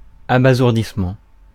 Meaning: 1. bewilderment; stupefaction 2. a state of dazedness caused by an overwhelmingly loud sound
- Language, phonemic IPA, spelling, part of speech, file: French, /a.ba.zuʁ.dis.mɑ̃/, abasourdissement, noun, Fr-abasourdissement.ogg